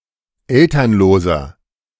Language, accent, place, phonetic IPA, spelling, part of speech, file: German, Germany, Berlin, [ˈɛltɐnloːzɐ], elternloser, adjective, De-elternloser.ogg
- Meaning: inflection of elternlos: 1. strong/mixed nominative masculine singular 2. strong genitive/dative feminine singular 3. strong genitive plural